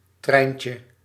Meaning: diminutive of trein
- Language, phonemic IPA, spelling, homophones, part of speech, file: Dutch, /ˈtrɛi̯njtjə/, treintje, Trijntje, noun, Nl-treintje.ogg